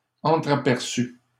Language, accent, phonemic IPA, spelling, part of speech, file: French, Canada, /ɑ̃.tʁa.pɛʁ.sy/, entraperçu, verb / adjective, LL-Q150 (fra)-entraperçu.wav
- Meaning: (verb) past participle of entrapercevoir; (adjective) glimpsed